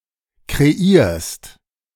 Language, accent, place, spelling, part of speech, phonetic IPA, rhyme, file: German, Germany, Berlin, kreierst, verb, [kʁeˈiːɐ̯st], -iːɐ̯st, De-kreierst.ogg
- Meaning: second-person singular present of kreieren